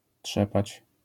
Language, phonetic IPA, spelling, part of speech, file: Polish, [ˈṭʃɛpat͡ɕ], trzepać, verb, LL-Q809 (pol)-trzepać.wav